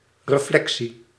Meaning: 1. reflection 2. thought about something
- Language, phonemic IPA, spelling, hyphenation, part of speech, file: Dutch, /reˈflɛksi/, reflectie, re‧flec‧tie, noun, Nl-reflectie.ogg